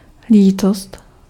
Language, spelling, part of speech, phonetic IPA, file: Czech, lítost, noun, [ˈliːtost], Cs-lítost.ogg
- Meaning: 1. regret 2. remorse, repentance (a feeling of regret or remorse for doing wrong)